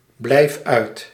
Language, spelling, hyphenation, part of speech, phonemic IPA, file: Dutch, blijf uit, blijf uit, verb, /ˌblɛi̯f ˈœy̯t/, Nl-blijf uit.ogg
- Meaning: inflection of uitblijven: 1. first-person singular present indicative 2. second-person singular present indicative 3. imperative